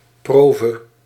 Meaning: 1. a gift out of love 2. a life-long maintenance
- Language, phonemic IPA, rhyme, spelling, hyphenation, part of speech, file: Dutch, /ˈproː.və/, -oːvə, prove, pro‧ve, noun, Nl-prove.ogg